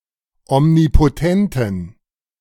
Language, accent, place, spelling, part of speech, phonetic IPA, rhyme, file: German, Germany, Berlin, omnipotenten, adjective, [ɔmnipoˈtɛntn̩], -ɛntn̩, De-omnipotenten.ogg
- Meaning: inflection of omnipotent: 1. strong genitive masculine/neuter singular 2. weak/mixed genitive/dative all-gender singular 3. strong/weak/mixed accusative masculine singular 4. strong dative plural